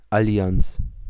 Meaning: alliance
- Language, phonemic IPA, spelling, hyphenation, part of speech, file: German, /aˈli̯ant͡s/, Allianz, Al‧li‧anz, noun, De-Allianz.ogg